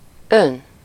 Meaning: you (formal)
- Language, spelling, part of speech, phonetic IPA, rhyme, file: Hungarian, ön, pronoun, [ˈøn], -øn, Hu-ön.ogg